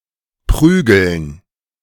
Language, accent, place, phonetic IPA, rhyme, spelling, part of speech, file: German, Germany, Berlin, [ˈpʁyːɡl̩n], -yːɡl̩n, Prügeln, noun, De-Prügeln.ogg
- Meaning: dative plural of Prügel